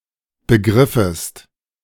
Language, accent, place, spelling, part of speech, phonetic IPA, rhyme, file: German, Germany, Berlin, begriffest, verb, [bəˈɡʁɪfəst], -ɪfəst, De-begriffest.ogg
- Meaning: second-person singular subjunctive I of begreifen